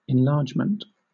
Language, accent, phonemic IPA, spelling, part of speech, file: English, Southern England, /ɪnˈlɑːd͡ʒ.mənt/, enlargement, noun, LL-Q1860 (eng)-enlargement.wav
- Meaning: 1. An act or instance of making something larger 2. A making more obvious or serious; exacerbation 3. An image, particularly a photograph, that has been enlarged 4. Freedom from confinement; liberty